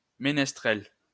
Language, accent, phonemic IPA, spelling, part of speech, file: French, France, /me.nɛs.tʁɛl/, ménestrel, noun, LL-Q150 (fra)-ménestrel.wav
- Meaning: minstrel